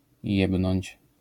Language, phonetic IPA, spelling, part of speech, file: Polish, [ˈjɛbnɔ̃ɲt͡ɕ], jebnąć, verb, LL-Q809 (pol)-jebnąć.wav